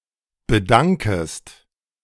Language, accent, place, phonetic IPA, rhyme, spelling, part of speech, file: German, Germany, Berlin, [bəˈdaŋkəst], -aŋkəst, bedankest, verb, De-bedankest.ogg
- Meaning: second-person singular subjunctive I of bedanken